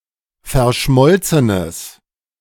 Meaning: strong/mixed nominative/accusative neuter singular of verschmolzen
- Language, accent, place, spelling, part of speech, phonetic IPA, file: German, Germany, Berlin, verschmolzenes, adjective, [fɛɐ̯ˈʃmɔlt͡sənəs], De-verschmolzenes.ogg